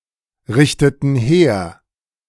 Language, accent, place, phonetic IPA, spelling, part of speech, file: German, Germany, Berlin, [ˌʁɪçtətn̩ ˈheːɐ̯], richteten her, verb, De-richteten her.ogg
- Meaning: inflection of herrichten: 1. first/third-person plural preterite 2. first/third-person plural subjunctive II